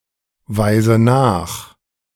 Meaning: inflection of nachweisen: 1. first-person singular present 2. first/third-person singular subjunctive I 3. singular imperative
- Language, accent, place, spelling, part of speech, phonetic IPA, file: German, Germany, Berlin, weise nach, verb, [ˌvaɪ̯zə ˈnaːx], De-weise nach.ogg